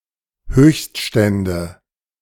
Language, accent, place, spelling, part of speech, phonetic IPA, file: German, Germany, Berlin, Höchststände, noun, [ˈhøːçstˌʃtɛndə], De-Höchststände.ogg
- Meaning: nominative/accusative/genitive plural of Höchststand